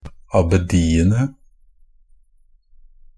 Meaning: definite plural of abbedi
- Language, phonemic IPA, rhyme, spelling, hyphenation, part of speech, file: Norwegian Bokmål, /ɑbəˈdiːənə/, -ənə, abbediene, ab‧be‧di‧en‧e, noun, NB - Pronunciation of Norwegian Bokmål «abbediene».ogg